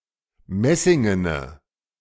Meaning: inflection of messingen: 1. strong/mixed nominative/accusative feminine singular 2. strong nominative/accusative plural 3. weak nominative all-gender singular
- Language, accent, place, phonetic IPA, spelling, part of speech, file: German, Germany, Berlin, [ˈmɛsɪŋənə], messingene, adjective, De-messingene.ogg